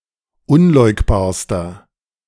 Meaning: inflection of unleugbar: 1. strong/mixed nominative masculine singular superlative degree 2. strong genitive/dative feminine singular superlative degree 3. strong genitive plural superlative degree
- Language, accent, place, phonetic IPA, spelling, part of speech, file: German, Germany, Berlin, [ˈʊnˌlɔɪ̯kbaːɐ̯stɐ], unleugbarster, adjective, De-unleugbarster.ogg